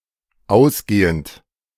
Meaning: present participle of ausgehen
- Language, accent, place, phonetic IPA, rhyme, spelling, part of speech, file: German, Germany, Berlin, [ˈaʊ̯sˌɡeːənt], -aʊ̯sɡeːənt, ausgehend, verb, De-ausgehend.ogg